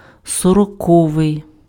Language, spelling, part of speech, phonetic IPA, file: Ukrainian, сороковий, adjective, [sɔrɔˈkɔʋei̯], Uk-сороковий.ogg
- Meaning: fortieth